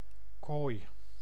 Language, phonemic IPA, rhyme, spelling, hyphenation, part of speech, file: Dutch, /koːt/, -oːt, koot, koot, noun, Nl-koot.ogg
- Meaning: 1. phalanx, phalange 2. joint